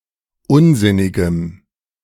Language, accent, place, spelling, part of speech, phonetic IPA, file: German, Germany, Berlin, unsinnigem, adjective, [ˈʊnˌzɪnɪɡəm], De-unsinnigem.ogg
- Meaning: strong dative masculine/neuter singular of unsinnig